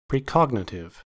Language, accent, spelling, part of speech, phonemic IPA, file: English, US, precognitive, adjective / noun, /pɹiˈkɑɡ.nə.tɪv/, En-us-precognitive.ogg
- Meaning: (adjective) Pertaining to the ability to see or predict future events; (noun) A precognitive person, a seer